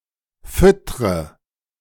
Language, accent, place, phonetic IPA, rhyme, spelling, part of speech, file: German, Germany, Berlin, [ˈfʏtʁə], -ʏtʁə, füttre, verb, De-füttre.ogg
- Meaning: inflection of füttern: 1. first-person singular present 2. first/third-person singular subjunctive I 3. singular imperative